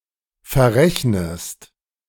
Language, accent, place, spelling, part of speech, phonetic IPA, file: German, Germany, Berlin, verrechnest, verb, [fɛɐ̯ˈʁɛçnəst], De-verrechnest.ogg
- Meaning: inflection of verrechnen: 1. second-person singular present 2. second-person singular subjunctive I